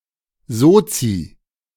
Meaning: a member of a socialist or social-democratic party; socialist; social democrat
- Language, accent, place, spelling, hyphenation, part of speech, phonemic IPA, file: German, Germany, Berlin, Sozi, So‧zi, noun, /ˈzoːtsi/, De-Sozi.ogg